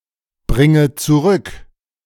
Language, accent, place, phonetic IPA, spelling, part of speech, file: German, Germany, Berlin, [ˌbʁɪŋə t͡suˈʁʏk], bringe zurück, verb, De-bringe zurück.ogg
- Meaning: inflection of zurückbringen: 1. first-person singular present 2. first/third-person singular subjunctive I 3. singular imperative